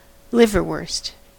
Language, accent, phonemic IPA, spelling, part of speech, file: English, US, /ˈlɪvɚwɝst/, liverwurst, noun, En-us-liverwurst.ogg
- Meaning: Spreadable sausage made with liver